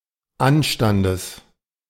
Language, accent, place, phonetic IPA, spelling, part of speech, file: German, Germany, Berlin, [ˈanʃtandəs], Anstandes, noun, De-Anstandes.ogg
- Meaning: genitive singular of Anstand